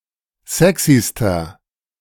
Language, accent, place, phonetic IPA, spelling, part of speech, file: German, Germany, Berlin, [ˈzɛksistɐ], sexyster, adjective, De-sexyster.ogg
- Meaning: inflection of sexy: 1. strong/mixed nominative masculine singular superlative degree 2. strong genitive/dative feminine singular superlative degree 3. strong genitive plural superlative degree